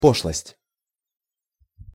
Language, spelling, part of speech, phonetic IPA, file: Russian, пошлость, noun, [ˈpoʂɫəsʲtʲ], Ru-пошлость.ogg
- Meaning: 1. vulgarity 2. vulgarism 3. poshlost